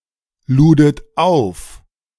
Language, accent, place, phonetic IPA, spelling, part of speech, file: German, Germany, Berlin, [ˌluːdət ˈaʊ̯f], ludet auf, verb, De-ludet auf.ogg
- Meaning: second-person plural preterite of aufladen